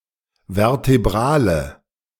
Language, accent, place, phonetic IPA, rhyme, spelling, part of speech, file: German, Germany, Berlin, [vɛʁteˈbʁaːlə], -aːlə, vertebrale, adjective, De-vertebrale.ogg
- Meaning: inflection of vertebral: 1. strong/mixed nominative/accusative feminine singular 2. strong nominative/accusative plural 3. weak nominative all-gender singular